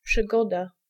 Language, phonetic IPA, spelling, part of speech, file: Polish, [pʃɨˈɡɔda], przygoda, noun, Pl-przygoda.ogg